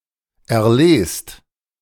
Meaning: inflection of erlesen: 1. second-person plural present 2. plural imperative
- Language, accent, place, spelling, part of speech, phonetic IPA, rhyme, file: German, Germany, Berlin, erlest, verb, [ɛɐ̯ˈleːst], -eːst, De-erlest.ogg